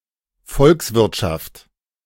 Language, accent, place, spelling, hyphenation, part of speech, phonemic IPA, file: German, Germany, Berlin, Volkswirtschaft, Volks‧wirt‧schaft, noun, /ˈfɔlksvɪʁtˌʃaft/, De-Volkswirtschaft.ogg
- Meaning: national economy